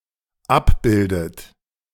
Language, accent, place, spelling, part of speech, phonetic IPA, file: German, Germany, Berlin, abbildet, verb, [ˈapˌbɪldət], De-abbildet.ogg
- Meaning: inflection of abbilden: 1. third-person singular dependent present 2. second-person plural dependent present 3. second-person plural dependent subjunctive I